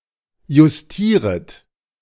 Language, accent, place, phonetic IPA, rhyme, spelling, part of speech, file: German, Germany, Berlin, [jʊsˈtiːʁət], -iːʁət, justieret, verb, De-justieret.ogg
- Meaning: second-person plural subjunctive I of justieren